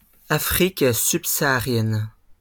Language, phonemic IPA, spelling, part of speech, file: French, /sa.a.ʁjɛn/, saharienne, adjective / noun, LL-Q150 (fra)-saharienne.wav
- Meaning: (adjective) feminine singular of saharien; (noun) safari jacket